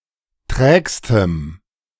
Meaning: strong dative masculine/neuter singular superlative degree of träge
- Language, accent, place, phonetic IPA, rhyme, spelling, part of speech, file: German, Germany, Berlin, [ˈtʁɛːkstəm], -ɛːkstəm, trägstem, adjective, De-trägstem.ogg